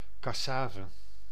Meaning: cassava
- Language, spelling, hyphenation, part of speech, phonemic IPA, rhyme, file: Dutch, cassave, cas‧sa‧ve, noun, /ˌkɑˈsaː.və/, -aːvə, Nl-cassave.ogg